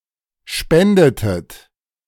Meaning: inflection of spenden: 1. second-person plural preterite 2. second-person plural subjunctive II
- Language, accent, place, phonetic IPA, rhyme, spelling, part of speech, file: German, Germany, Berlin, [ˈʃpɛndətət], -ɛndətət, spendetet, verb, De-spendetet.ogg